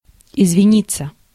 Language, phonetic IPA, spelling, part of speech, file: Russian, [ɪzvʲɪˈnʲit͡sːə], извиниться, verb, Ru-извиниться.ogg
- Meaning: 1. to apologize (to make an apology or defense) 2. passive of извини́ть (izvinítʹ)